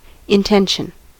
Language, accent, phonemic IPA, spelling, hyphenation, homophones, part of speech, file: English, US, /ɪnˈtɛnʃn̩/, intention, in‧ten‧tion, intension, noun / verb, En-us-intention.ogg
- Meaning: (noun) 1. A course of action that a person intends to follow 2. A goal or purpose 3. Tension; straining, stretching